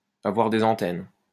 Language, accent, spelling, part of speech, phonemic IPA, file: French, France, avoir des antennes, verb, /a.vwaʁ de.z‿ɑ̃.tɛn/, LL-Q150 (fra)-avoir des antennes.wav
- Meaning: to be very perceptive, intuitive